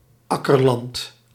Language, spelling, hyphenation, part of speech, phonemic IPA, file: Dutch, akkerland, ak‧ker‧land, noun, /ˈɑ.kərˌlɑnt/, Nl-akkerland.ogg
- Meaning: farmland used for crops